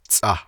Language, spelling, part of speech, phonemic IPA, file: Navajo, tsʼah, noun, /t͡sʼɑ̀h/, Nv-tsʼah.ogg
- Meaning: sagebrush, sage (Artemisia tridentada)